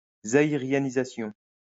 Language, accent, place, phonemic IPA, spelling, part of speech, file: French, France, Lyon, /za.i.ʁja.ni.za.sjɔ̃/, zaïrianisation, noun, LL-Q150 (fra)-zaïrianisation.wav
- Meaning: Zaireanization